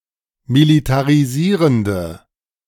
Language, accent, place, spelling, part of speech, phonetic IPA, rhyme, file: German, Germany, Berlin, militarisierende, adjective, [militaʁiˈziːʁəndə], -iːʁəndə, De-militarisierende.ogg
- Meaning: inflection of militarisierend: 1. strong/mixed nominative/accusative feminine singular 2. strong nominative/accusative plural 3. weak nominative all-gender singular